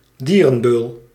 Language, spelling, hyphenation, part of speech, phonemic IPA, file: Dutch, dierenbeul, die‧ren‧beul, noun, /ˈdiː.rə(n)ˌbøːl/, Nl-dierenbeul.ogg
- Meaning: one who deliberately ill-treats / torments animals, e.g. a zoosadist